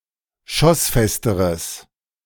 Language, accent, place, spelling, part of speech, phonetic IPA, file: German, Germany, Berlin, schossfesteres, adjective, [ˈʃɔsˌfɛstəʁəs], De-schossfesteres.ogg
- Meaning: strong/mixed nominative/accusative neuter singular comparative degree of schossfest